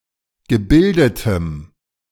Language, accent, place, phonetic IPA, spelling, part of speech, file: German, Germany, Berlin, [ɡəˈbɪldətəm], gebildetem, adjective, De-gebildetem.ogg
- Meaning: strong dative masculine/neuter singular of gebildet